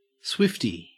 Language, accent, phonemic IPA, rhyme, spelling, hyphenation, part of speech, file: English, Australia, /ˈswɪft.iː/, -ɪfti, Swiftie, Swift‧ie, noun, En-au-Swiftie.ogg
- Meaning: An enthusiastic fan of American singer-songwriter and actress Taylor Swift